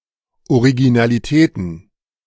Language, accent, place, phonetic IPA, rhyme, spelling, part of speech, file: German, Germany, Berlin, [oʁiɡinaliˈtɛːtn̩], -ɛːtn̩, Originalitäten, noun, De-Originalitäten.ogg
- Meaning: plural of Originalität